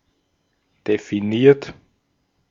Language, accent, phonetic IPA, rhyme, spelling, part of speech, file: German, Austria, [defiˈniːɐ̯t], -iːɐ̯t, definiert, verb, De-at-definiert.ogg
- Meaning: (verb) past participle of definieren; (adjective) defined; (verb) inflection of definieren: 1. third-person singular present 2. second-person plural present 3. plural imperative